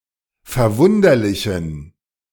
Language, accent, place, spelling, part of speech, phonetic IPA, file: German, Germany, Berlin, verwunderlichen, adjective, [fɛɐ̯ˈvʊndɐlɪçn̩], De-verwunderlichen.ogg
- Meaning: inflection of verwunderlich: 1. strong genitive masculine/neuter singular 2. weak/mixed genitive/dative all-gender singular 3. strong/weak/mixed accusative masculine singular 4. strong dative plural